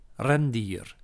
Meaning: reindeer
- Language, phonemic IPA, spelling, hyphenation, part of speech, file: Dutch, /ˈrɛnˌdiːr/, rendier, ren‧dier, noun, Nl-rendier.ogg